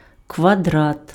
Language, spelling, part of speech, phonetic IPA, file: Ukrainian, квадрат, noun, [kʋɐˈdrat], Uk-квадрат.ogg
- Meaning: square